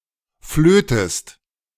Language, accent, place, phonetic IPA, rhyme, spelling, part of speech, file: German, Germany, Berlin, [ˈfløːtəst], -øːtəst, flötest, verb, De-flötest.ogg
- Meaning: inflection of flöten: 1. second-person singular present 2. second-person singular subjunctive I